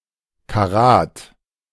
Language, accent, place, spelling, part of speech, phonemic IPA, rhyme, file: German, Germany, Berlin, Karat, noun, /kaˈʁaːt/, -aːt, De-Karat.ogg
- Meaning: carat